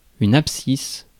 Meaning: abscissa (the x coordinate in Cartesian coordinates)
- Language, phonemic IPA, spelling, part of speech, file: French, /ap.sis/, abscisse, noun, Fr-abscisse.ogg